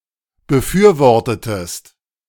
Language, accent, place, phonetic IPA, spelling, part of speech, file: German, Germany, Berlin, [bəˈfyːɐ̯ˌvɔʁtətəst], befürwortetest, verb, De-befürwortetest.ogg
- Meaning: inflection of befürworten: 1. second-person singular preterite 2. second-person singular subjunctive II